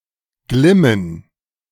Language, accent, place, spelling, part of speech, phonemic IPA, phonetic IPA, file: German, Germany, Berlin, glimmen, verb, /ˈɡlɪmən/, [ˈɡlɪmn̩], De-glimmen2.ogg
- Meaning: 1. to shine 2. to glow, to smolder